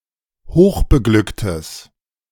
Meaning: strong/mixed nominative/accusative neuter singular of hochbeglückt
- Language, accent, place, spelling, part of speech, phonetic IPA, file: German, Germany, Berlin, hochbeglücktes, adjective, [ˈhoːxbəˌɡlʏktəs], De-hochbeglücktes.ogg